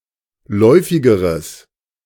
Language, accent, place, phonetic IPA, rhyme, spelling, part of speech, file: German, Germany, Berlin, [ˈlɔɪ̯fɪɡəʁəs], -ɔɪ̯fɪɡəʁəs, läufigeres, adjective, De-läufigeres.ogg
- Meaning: strong/mixed nominative/accusative neuter singular comparative degree of läufig